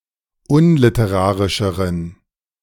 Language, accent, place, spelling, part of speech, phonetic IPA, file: German, Germany, Berlin, unliterarischeren, adjective, [ˈʊnlɪtəˌʁaːʁɪʃəʁən], De-unliterarischeren.ogg
- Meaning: inflection of unliterarisch: 1. strong genitive masculine/neuter singular comparative degree 2. weak/mixed genitive/dative all-gender singular comparative degree